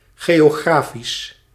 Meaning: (adjective) geographic, geographical; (adverb) geographically
- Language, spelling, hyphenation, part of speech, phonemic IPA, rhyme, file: Dutch, geografisch, geo‧gra‧fisch, adjective / adverb, /ˌɣeː.oːˈɣraː.fis/, -aːfis, Nl-geografisch.ogg